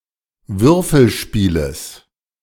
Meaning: genitive of Würfelspiel
- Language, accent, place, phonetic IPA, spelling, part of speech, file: German, Germany, Berlin, [ˈvʏʁfl̩ˌʃpiːləs], Würfelspieles, noun, De-Würfelspieles.ogg